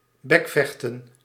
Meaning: to bicker, to argue verbally
- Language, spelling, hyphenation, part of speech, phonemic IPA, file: Dutch, bekvechten, bek‧vech‧ten, verb, /ˈbɛkˌfɛx.tə(n)/, Nl-bekvechten.ogg